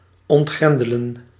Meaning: to unbolt, to unlock
- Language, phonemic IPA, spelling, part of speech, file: Dutch, /ɔntˈɣrɛndələ(n)/, ontgrendelen, verb, Nl-ontgrendelen.ogg